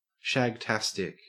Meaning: brilliant, with implications of sexual intercourse
- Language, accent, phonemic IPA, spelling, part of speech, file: English, Australia, /ʃæɡˈtæstɪk/, shagtastic, adjective, En-au-shagtastic.ogg